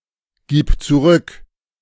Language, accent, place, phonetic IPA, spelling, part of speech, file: German, Germany, Berlin, [ˌɡiːp t͡suˈʁʏk], gib zurück, verb, De-gib zurück.ogg
- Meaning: singular imperative of zurückgeben